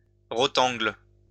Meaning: rudd
- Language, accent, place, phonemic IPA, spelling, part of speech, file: French, France, Lyon, /ʁɔ.tɑ̃ɡl/, rotengle, noun, LL-Q150 (fra)-rotengle.wav